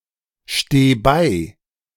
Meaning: singular imperative of beistehen
- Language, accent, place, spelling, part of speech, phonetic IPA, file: German, Germany, Berlin, steh bei, verb, [ˌʃteː ˈbaɪ̯], De-steh bei.ogg